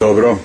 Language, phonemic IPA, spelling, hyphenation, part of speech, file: Serbo-Croatian, /dǒbro/, добро, доб‧ро, adverb / interjection, Sh-добро.ogg
- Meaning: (adverb) well; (interjection) okay, all right, very well